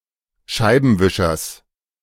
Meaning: genitive singular of Scheibenwischer
- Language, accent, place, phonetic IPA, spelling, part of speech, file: German, Germany, Berlin, [ˈʃaɪ̯bənvɪʃɐs], Scheibenwischers, noun, De-Scheibenwischers.ogg